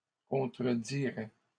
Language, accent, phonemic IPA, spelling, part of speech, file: French, Canada, /kɔ̃.tʁə.di.ʁɛ/, contredirait, verb, LL-Q150 (fra)-contredirait.wav
- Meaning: third-person singular conditional of contredire